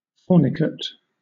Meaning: Shaped like an arch or vault; resembling a fornix
- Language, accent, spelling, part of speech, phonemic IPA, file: English, Southern England, fornicate, adjective, /ˈfɔː.nɪ.kət/, LL-Q1860 (eng)-fornicate.wav